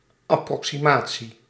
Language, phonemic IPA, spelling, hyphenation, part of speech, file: Dutch, /ɑprɔksiˈmaː(t)si/, approximatie, ap‧pro‧xi‧ma‧tie, noun, Nl-approximatie.ogg
- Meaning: approximation